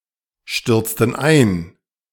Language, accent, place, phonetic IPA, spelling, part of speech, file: German, Germany, Berlin, [ˌʃtʏʁt͡stn̩ ˈaɪ̯n], stürzten ein, verb, De-stürzten ein.ogg
- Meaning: inflection of einstürzen: 1. first/third-person plural preterite 2. first/third-person plural subjunctive II